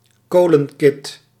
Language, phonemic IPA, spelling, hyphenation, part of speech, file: Dutch, /ˈkoː.lə(n)ˌkɪt/, kolenkit, ko‧len‧kit, noun, Nl-kolenkit.ogg
- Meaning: coal scuttle